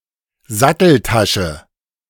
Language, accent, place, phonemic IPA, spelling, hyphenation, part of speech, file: German, Germany, Berlin, /ˈzatl̩ˌtaʃə/, Satteltasche, Sat‧tel‧ta‧sche, noun, De-Satteltasche.ogg
- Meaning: saddlebag